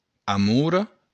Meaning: 1. mulberry 2. blackberry
- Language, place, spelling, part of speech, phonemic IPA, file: Occitan, Béarn, amora, noun, /aˈmuro̞/, LL-Q14185 (oci)-amora.wav